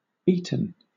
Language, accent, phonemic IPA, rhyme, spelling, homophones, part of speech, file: English, Southern England, /ˈiː.tən/, -iːtən, Eton, Eaton / eaten, proper noun, LL-Q1860 (eng)-Eton.wav
- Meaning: 1. A town and civil parish in Windsor and Maidenhead, Berkshire, England (OS grid ref SU965775) 2. Ellipsis of Eton College, a prestigious public school for boys in Eton